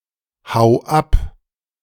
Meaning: 1. singular imperative of abhauen 2. first-person singular present of abhauen
- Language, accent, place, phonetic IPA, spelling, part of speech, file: German, Germany, Berlin, [ˌhaʊ̯ ˈap], hau ab, verb, De-hau ab.ogg